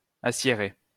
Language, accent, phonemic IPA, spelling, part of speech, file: French, France, /a.sje.ʁe/, aciérer, verb, LL-Q150 (fra)-aciérer.wav
- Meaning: to acierate